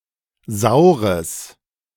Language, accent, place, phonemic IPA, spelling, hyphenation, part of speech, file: German, Germany, Berlin, /ˈzaʊ̯ʁəs/, saures, sau‧res, adjective, De-saures.ogg
- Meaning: strong/mixed nominative/accusative neuter singular of sauer